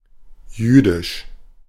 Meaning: Jewish
- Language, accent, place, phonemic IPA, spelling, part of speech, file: German, Germany, Berlin, /ˈjyːdɪʃ/, jüdisch, adjective, De-jüdisch.ogg